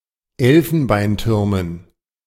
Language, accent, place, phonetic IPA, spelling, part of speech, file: German, Germany, Berlin, [ˈɛlfn̩baɪ̯nˌtʏʁmən], Elfenbeintürmen, noun, De-Elfenbeintürmen.ogg
- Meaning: dative plural of Elfenbeinturm